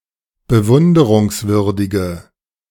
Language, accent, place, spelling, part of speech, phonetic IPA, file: German, Germany, Berlin, bewunderungswürdige, adjective, [bəˈvʊndəʁʊŋsˌvʏʁdɪɡə], De-bewunderungswürdige.ogg
- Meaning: inflection of bewunderungswürdig: 1. strong/mixed nominative/accusative feminine singular 2. strong nominative/accusative plural 3. weak nominative all-gender singular